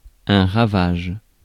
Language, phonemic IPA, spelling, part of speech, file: French, /ʁa.vaʒ/, ravage, noun / verb, Fr-ravage.ogg
- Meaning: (noun) the act of laying waste; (verb) inflection of ravager: 1. first/third-person singular present indicative/subjunctive 2. second-person singular imperative